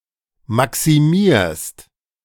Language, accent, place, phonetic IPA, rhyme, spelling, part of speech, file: German, Germany, Berlin, [ˌmaksiˈmiːɐ̯st], -iːɐ̯st, maximierst, verb, De-maximierst.ogg
- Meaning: second-person singular present of maximieren